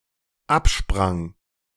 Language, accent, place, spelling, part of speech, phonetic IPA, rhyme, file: German, Germany, Berlin, absprang, verb, [ˈapˌʃpʁaŋ], -apʃpʁaŋ, De-absprang.ogg
- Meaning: first/third-person singular dependent preterite of abspringen